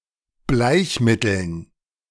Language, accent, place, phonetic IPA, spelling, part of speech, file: German, Germany, Berlin, [ˈblaɪ̯çˌmɪtl̩n], Bleichmitteln, noun, De-Bleichmitteln.ogg
- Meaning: dative plural of Bleichmittel